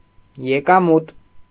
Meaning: income, revenue; profit, return, gainings
- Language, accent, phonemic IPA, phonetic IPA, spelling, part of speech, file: Armenian, Eastern Armenian, /jekɑˈmut/, [jekɑmút], եկամուտ, noun, Hy-եկամուտ.ogg